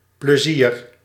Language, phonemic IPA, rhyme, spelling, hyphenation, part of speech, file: Dutch, /pləˈziːr/, -ir, plezier, ple‧zier, noun, Nl-plezier.ogg
- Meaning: 1. fun, leisure 2. pleasure